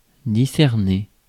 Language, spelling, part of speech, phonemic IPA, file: French, discerner, verb, /di.sɛʁ.ne/, Fr-discerner.ogg
- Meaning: to discern